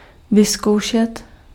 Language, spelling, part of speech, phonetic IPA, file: Czech, vyzkoušet, verb, [ˈvɪskou̯ʃɛt], Cs-vyzkoušet.ogg
- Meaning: 1. to examine (to test skills or qualifications of someone) 2. to try